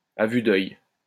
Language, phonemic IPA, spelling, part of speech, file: French, /a vy d‿œj/, à vue d'œil, adverb, LL-Q150 (fra)-à vue d'œil.wav
- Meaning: right before one's eyes, visibly, noticeably, before one's very eyes, by the minute